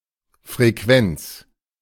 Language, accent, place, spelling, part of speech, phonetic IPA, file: German, Germany, Berlin, Frequenz, noun, [fʁeˈkvɛnt͡s], De-Frequenz.ogg
- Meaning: 1. frequency (the rate of occurrence of anything) 2. frequency (the quotient f of the number of times n a periodic phenomenon occurs over the time t in which it occurs)